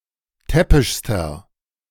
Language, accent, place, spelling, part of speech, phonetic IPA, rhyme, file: German, Germany, Berlin, täppischster, adjective, [ˈtɛpɪʃstɐ], -ɛpɪʃstɐ, De-täppischster.ogg
- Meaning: inflection of täppisch: 1. strong/mixed nominative masculine singular superlative degree 2. strong genitive/dative feminine singular superlative degree 3. strong genitive plural superlative degree